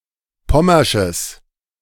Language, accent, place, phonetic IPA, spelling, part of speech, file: German, Germany, Berlin, [ˈpɔmɐʃəs], pommersches, adjective, De-pommersches.ogg
- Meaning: strong/mixed nominative/accusative neuter singular of pommersch